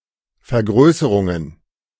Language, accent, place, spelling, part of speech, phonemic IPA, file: German, Germany, Berlin, Vergrößerungen, noun, /fɛɐ̯ˈɡʁøːsəʁʊŋən/, De-Vergrößerungen.ogg
- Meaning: plural of Vergrößerung